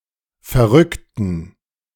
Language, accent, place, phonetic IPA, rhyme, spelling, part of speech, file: German, Germany, Berlin, [fɛɐ̯ˈʁʏktn̩], -ʏktn̩, verrückten, adjective / verb, De-verrückten.ogg
- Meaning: inflection of verrückt: 1. strong genitive masculine/neuter singular 2. weak/mixed genitive/dative all-gender singular 3. strong/weak/mixed accusative masculine singular 4. strong dative plural